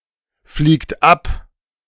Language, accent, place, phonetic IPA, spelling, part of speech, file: German, Germany, Berlin, [fliːkt ˈap], fliegt ab, verb, De-fliegt ab.ogg
- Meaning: inflection of abfliegen: 1. third-person singular present 2. second-person plural present 3. plural imperative